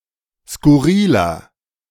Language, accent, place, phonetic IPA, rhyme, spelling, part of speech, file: German, Germany, Berlin, [skʊˈʁiːlɐ], -iːlɐ, skurriler, adjective, De-skurriler.ogg
- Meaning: 1. comparative degree of skurril 2. inflection of skurril: strong/mixed nominative masculine singular 3. inflection of skurril: strong genitive/dative feminine singular